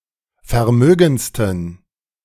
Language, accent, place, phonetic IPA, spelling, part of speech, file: German, Germany, Berlin, [fɛɐ̯ˈmøːɡn̩t͡stən], vermögendsten, adjective, De-vermögendsten.ogg
- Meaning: 1. superlative degree of vermögend 2. inflection of vermögend: strong genitive masculine/neuter singular superlative degree